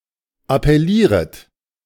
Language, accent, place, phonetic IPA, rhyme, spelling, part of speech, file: German, Germany, Berlin, [apɛˈliːʁət], -iːʁət, appellieret, verb, De-appellieret.ogg
- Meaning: second-person plural subjunctive I of appellieren